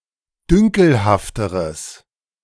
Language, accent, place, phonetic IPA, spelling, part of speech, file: German, Germany, Berlin, [ˈdʏŋkl̩haftəʁəs], dünkelhafteres, adjective, De-dünkelhafteres.ogg
- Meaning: strong/mixed nominative/accusative neuter singular comparative degree of dünkelhaft